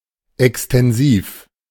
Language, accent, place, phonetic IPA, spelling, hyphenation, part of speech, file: German, Germany, Berlin, [ɛkstɛnˈziːf], extensiv, ex‧ten‧siv, adjective, De-extensiv.ogg
- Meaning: 1. comprehensive, extended, extensive 2. practiced on large areas with few resources